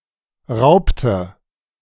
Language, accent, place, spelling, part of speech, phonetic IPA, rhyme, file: German, Germany, Berlin, raubte, verb, [ˈʁaʊ̯ptə], -aʊ̯ptə, De-raubte.ogg
- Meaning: inflection of rauben: 1. first/third-person singular preterite 2. first/third-person singular subjunctive II